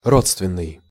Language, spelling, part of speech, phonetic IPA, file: Russian, родственный, adjective, [ˈrot͡stvʲɪn(ː)ɨj], Ru-родственный.ogg
- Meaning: 1. related 2. kindred 3. akin, cognate, kin, consanguineous (of the same kin; related by blood) 4. consanguine 5. sister 6. allied 7. relational 8. congenerous 9. agnate 10. parental